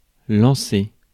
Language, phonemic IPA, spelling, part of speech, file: French, /lɑ̃.se/, lancer, verb / noun, Fr-lancer.ogg
- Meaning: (verb) 1. to throw 2. to start, to launch 3. to call out, yell; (noun) 1. a throw 2. a pitch 3. a shot